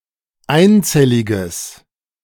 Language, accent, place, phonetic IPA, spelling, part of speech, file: German, Germany, Berlin, [ˈaɪ̯nˌt͡sɛlɪɡəs], einzelliges, adjective, De-einzelliges.ogg
- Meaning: strong/mixed nominative/accusative neuter singular of einzellig